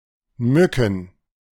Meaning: plural of Mücke
- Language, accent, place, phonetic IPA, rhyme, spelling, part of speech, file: German, Germany, Berlin, [ˈmʏkn̩], -ʏkn̩, Mücken, noun, De-Mücken.ogg